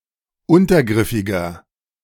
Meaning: inflection of untergriffig: 1. strong/mixed nominative masculine singular 2. strong genitive/dative feminine singular 3. strong genitive plural
- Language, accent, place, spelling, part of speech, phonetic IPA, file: German, Germany, Berlin, untergriffiger, adjective, [ˈʊntɐˌɡʁɪfɪɡɐ], De-untergriffiger.ogg